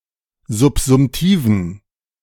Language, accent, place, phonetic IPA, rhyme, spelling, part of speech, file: German, Germany, Berlin, [zʊpzʊmˈtiːvn̩], -iːvn̩, subsumtiven, adjective, De-subsumtiven.ogg
- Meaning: inflection of subsumtiv: 1. strong genitive masculine/neuter singular 2. weak/mixed genitive/dative all-gender singular 3. strong/weak/mixed accusative masculine singular 4. strong dative plural